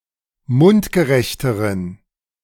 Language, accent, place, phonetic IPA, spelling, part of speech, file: German, Germany, Berlin, [ˈmʊntɡəˌʁɛçtəʁən], mundgerechteren, adjective, De-mundgerechteren.ogg
- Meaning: inflection of mundgerecht: 1. strong genitive masculine/neuter singular comparative degree 2. weak/mixed genitive/dative all-gender singular comparative degree